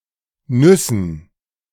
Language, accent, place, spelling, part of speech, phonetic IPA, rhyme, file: German, Germany, Berlin, Nüssen, noun, [ˈnʏsn̩], -ʏsn̩, De-Nüssen.ogg
- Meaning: dative plural of Nuss